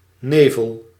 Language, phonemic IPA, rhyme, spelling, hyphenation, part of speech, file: Dutch, /ˈneː.vəl/, -eːvəl, nevel, ne‧vel, noun, Nl-nevel.ogg
- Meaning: 1. fog 2. nebula